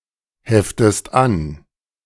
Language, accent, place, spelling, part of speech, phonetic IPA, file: German, Germany, Berlin, heftest an, verb, [ˌhɛftəst ˈan], De-heftest an.ogg
- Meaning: inflection of anheften: 1. second-person singular present 2. second-person singular subjunctive I